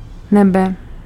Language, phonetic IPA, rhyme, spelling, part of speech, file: Czech, [ˈnɛbɛ], -ɛbɛ, nebe, noun, Cs-nebe.ogg
- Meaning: 1. sky 2. heaven (paradise)